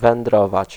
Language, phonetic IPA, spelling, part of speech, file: Polish, [vɛ̃nˈdrɔvat͡ɕ], wędrować, verb, Pl-wędrować.ogg